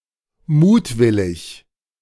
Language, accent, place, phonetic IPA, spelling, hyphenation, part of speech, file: German, Germany, Berlin, [ˈmuːtˌvɪlɪç], mutwillig, mut‧wil‧lig, adjective, De-mutwillig.ogg
- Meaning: wilful, malicious